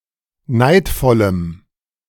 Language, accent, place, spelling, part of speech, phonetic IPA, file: German, Germany, Berlin, neidvollem, adjective, [ˈnaɪ̯tfɔləm], De-neidvollem.ogg
- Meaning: strong dative masculine/neuter singular of neidvoll